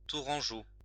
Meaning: 1. of, from or relating to the city of Tours, the prefecture of the Indre-et-Loire department, Centre-Val de Loire, France 2. of, from or relating to Touraine, a former province of central France
- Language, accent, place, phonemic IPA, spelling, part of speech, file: French, France, Lyon, /tu.ʁɑ̃.ʒo/, tourangeau, adjective, LL-Q150 (fra)-tourangeau.wav